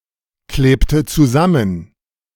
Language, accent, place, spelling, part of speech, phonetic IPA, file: German, Germany, Berlin, klebte zusammen, verb, [ˌkleːptə t͡suˈzamən], De-klebte zusammen.ogg
- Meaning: inflection of zusammenkleben: 1. first/third-person singular preterite 2. first/third-person singular subjunctive II